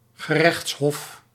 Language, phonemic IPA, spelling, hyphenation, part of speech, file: Dutch, /ɣəˈrɛxts.ɦɔf/, gerechtshof, ge‧rechts‧hof, noun, Nl-gerechtshof.ogg
- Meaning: 1. court of law, court of justice 2. an appellate court, a court empowered to hear appeals from lower tribunals